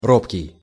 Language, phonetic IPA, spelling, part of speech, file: Russian, [ˈropkʲɪj], робкий, adjective, Ru-робкий.ogg
- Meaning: shy, timid, bashful (lacking in courage or confidence)